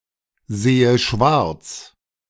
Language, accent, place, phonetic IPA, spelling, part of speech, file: German, Germany, Berlin, [ˌzeːə ˈʃvaʁt͡s], sehe schwarz, verb, De-sehe schwarz.ogg
- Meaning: inflection of schwarzsehen: 1. first-person singular present 2. first/third-person singular subjunctive I